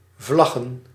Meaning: plural of vlag
- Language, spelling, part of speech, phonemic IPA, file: Dutch, vlaggen, noun, /ˈvlɑɣə(n)/, Nl-vlaggen.ogg